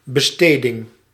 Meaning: spending
- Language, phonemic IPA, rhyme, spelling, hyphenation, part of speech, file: Dutch, /bəˈsteː.dɪŋ/, -eːdɪŋ, besteding, be‧ste‧ding, noun, Nl-besteding.ogg